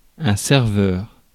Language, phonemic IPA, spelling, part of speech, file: French, /sɛʁ.vœʁ/, serveur, noun, Fr-serveur.ogg
- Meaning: 1. waiter (in restaurant) 2. server